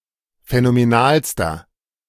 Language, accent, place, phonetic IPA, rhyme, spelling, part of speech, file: German, Germany, Berlin, [fɛnomeˈnaːlstɐ], -aːlstɐ, phänomenalster, adjective, De-phänomenalster.ogg
- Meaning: inflection of phänomenal: 1. strong/mixed nominative masculine singular superlative degree 2. strong genitive/dative feminine singular superlative degree 3. strong genitive plural superlative degree